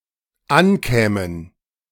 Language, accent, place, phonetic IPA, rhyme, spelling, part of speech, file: German, Germany, Berlin, [ˈanˌkɛːmən], -ankɛːmən, ankämen, verb, De-ankämen.ogg
- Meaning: first/third-person plural dependent subjunctive II of ankommen